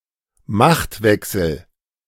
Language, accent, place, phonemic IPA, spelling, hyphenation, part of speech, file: German, Germany, Berlin, /ˈmaxtˌvɛksl̩/, Machtwechsel, Macht‧wech‧sel, noun, De-Machtwechsel.ogg
- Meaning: transfer of power